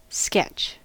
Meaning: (verb) 1. To make a brief, basic drawing 2. To describe briefly and with very few details
- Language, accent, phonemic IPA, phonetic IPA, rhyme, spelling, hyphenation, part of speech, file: English, US, /ˈskɛt͡ʃ/, [ˈskɛt͡ʃ], -ɛtʃ, sketch, sketch, verb / noun / adjective, En-us-sketch.ogg